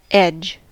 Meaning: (noun) 1. The boundary line of a surface 2. A one-dimensional face of a polytope. In particular, the joining line between two vertices of a polygon; the place where two faces of a polyhedron meet
- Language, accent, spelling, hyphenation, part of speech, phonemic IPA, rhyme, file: English, US, edge, edge, noun / verb, /ɛd͡ʒ/, -ɛdʒ, En-us-edge.ogg